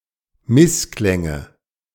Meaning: nominative/accusative/genitive plural of Missklang
- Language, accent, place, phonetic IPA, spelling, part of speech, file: German, Germany, Berlin, [ˈmɪsˌklɛŋə], Missklänge, noun, De-Missklänge.ogg